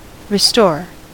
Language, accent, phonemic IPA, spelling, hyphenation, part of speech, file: English, US, /ɹɪˈstoɹ/, restore, re‧store, verb / noun, En-us-restore.ogg
- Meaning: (verb) 1. To reestablish, or bring back into existence 2. To bring back to good condition from a state of decay or ruin